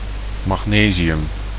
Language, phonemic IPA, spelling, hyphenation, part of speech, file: Dutch, /ˌmɑxˈneː.zi.ʏm/, magnesium, mag‧ne‧si‧um, noun, Nl-magnesium.ogg
- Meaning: magnesium